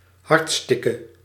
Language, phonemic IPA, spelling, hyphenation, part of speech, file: Dutch, /ˈɦɑrtˌstɪ.kə/, hartstikke, hart‧stik‧ke, adverb, Nl-hartstikke.ogg
- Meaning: very, freaking, hella